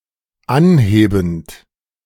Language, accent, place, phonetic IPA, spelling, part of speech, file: German, Germany, Berlin, [ˈanˌheːbn̩t], anhebend, verb, De-anhebend.ogg
- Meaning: present participle of anheben